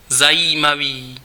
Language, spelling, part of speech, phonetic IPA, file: Czech, zajímavý, adjective, [ˈzajiːmaviː], Cs-zajímavý.ogg
- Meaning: interesting